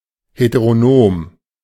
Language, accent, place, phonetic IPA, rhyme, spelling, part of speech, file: German, Germany, Berlin, [hetəʁoˈnoːm], -oːm, heteronom, adjective, De-heteronom.ogg
- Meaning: heteronomous